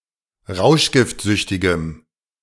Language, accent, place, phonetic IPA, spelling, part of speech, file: German, Germany, Berlin, [ˈʁaʊ̯ʃɡɪftˌzʏçtɪɡəm], rauschgiftsüchtigem, adjective, De-rauschgiftsüchtigem.ogg
- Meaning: strong dative masculine/neuter singular of rauschgiftsüchtig